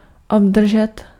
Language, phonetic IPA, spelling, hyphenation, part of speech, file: Czech, [ˈobdr̩ʒɛt], obdržet, ob‧dr‧žet, verb, Cs-obdržet.ogg
- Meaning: to receive